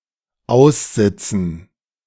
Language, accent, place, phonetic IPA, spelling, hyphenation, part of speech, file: German, Germany, Berlin, [ˈaʊ̯sˌɪt͡sn̩], aussitzen, aus‧sit‧zen, verb, De-aussitzen.ogg
- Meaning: to sit out